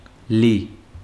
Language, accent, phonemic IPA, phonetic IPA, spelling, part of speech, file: Armenian, Eastern Armenian, /li/, [li], լի, adjective, Hy-լի.ogg
- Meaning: 1. full (of), packed (with) 2. brimful, full to the brim 3. abundant (in), plentiful, copious 4. hearty (of dinner, etc.) 5. rich, heavy (of crops, etc.)